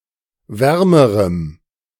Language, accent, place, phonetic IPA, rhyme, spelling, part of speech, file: German, Germany, Berlin, [ˈvɛʁməʁəm], -ɛʁməʁəm, wärmerem, adjective, De-wärmerem.ogg
- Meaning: strong dative masculine/neuter singular comparative degree of warm